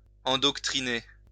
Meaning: 1. to indoctrinate 2. to teach; to instruct
- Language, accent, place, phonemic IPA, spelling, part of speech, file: French, France, Lyon, /ɑ̃.dɔk.tʁi.ne/, endoctriner, verb, LL-Q150 (fra)-endoctriner.wav